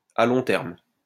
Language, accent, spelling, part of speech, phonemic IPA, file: French, France, à long terme, adjective / adverb, /a lɔ̃ tɛʁm/, LL-Q150 (fra)-à long terme.wav
- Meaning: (adjective) long-term; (adverb) in the long term, in the long run